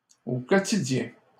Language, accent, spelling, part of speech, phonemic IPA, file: French, Canada, au quotidien, adverb, /o kɔ.ti.djɛ̃/, LL-Q150 (fra)-au quotidien.wav
- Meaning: on a daily basis, daily, every day